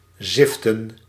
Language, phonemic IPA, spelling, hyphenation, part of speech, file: Dutch, /ˈzɪftə(n)/, ziften, zif‧ten, verb, Nl-ziften.ogg
- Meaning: to sift